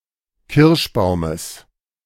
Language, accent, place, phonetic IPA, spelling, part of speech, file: German, Germany, Berlin, [ˈkɪʁʃˌbaʊ̯məs], Kirschbaumes, noun, De-Kirschbaumes.ogg
- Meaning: genitive singular of Kirschbaum